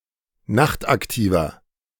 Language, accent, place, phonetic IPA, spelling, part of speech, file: German, Germany, Berlin, [ˈnaxtʔakˌtiːvɐ], nachtaktiver, adjective, De-nachtaktiver.ogg
- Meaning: inflection of nachtaktiv: 1. strong/mixed nominative masculine singular 2. strong genitive/dative feminine singular 3. strong genitive plural